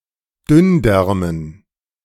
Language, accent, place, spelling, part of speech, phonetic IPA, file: German, Germany, Berlin, Dünndärmen, noun, [ˈdʏnˌdɛʁmən], De-Dünndärmen.ogg
- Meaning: dative plural of Dünndarm